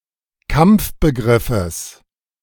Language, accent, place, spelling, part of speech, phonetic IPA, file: German, Germany, Berlin, Kampfbegriffes, noun, [ˈkamp͡fbəˌɡʁɪfəs], De-Kampfbegriffes.ogg
- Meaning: genitive of Kampfbegriff